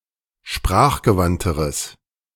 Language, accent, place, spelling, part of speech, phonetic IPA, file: German, Germany, Berlin, sprachgewandteres, adjective, [ˈʃpʁaːxɡəˌvantəʁəs], De-sprachgewandteres.ogg
- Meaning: strong/mixed nominative/accusative neuter singular comparative degree of sprachgewandt